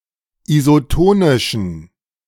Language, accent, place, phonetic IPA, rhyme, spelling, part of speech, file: German, Germany, Berlin, [izoˈtoːnɪʃn̩], -oːnɪʃn̩, isotonischen, adjective, De-isotonischen.ogg
- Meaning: inflection of isotonisch: 1. strong genitive masculine/neuter singular 2. weak/mixed genitive/dative all-gender singular 3. strong/weak/mixed accusative masculine singular 4. strong dative plural